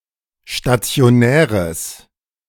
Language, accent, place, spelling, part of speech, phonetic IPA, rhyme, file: German, Germany, Berlin, stationäres, adjective, [ʃtat͡si̯oˈnɛːʁəs], -ɛːʁəs, De-stationäres.ogg
- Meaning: strong/mixed nominative/accusative neuter singular of stationär